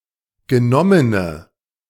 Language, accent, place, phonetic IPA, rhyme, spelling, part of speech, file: German, Germany, Berlin, [ɡəˈnɔmənə], -ɔmənə, genommene, adjective, De-genommene.ogg
- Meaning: inflection of genommen: 1. strong/mixed nominative/accusative feminine singular 2. strong nominative/accusative plural 3. weak nominative all-gender singular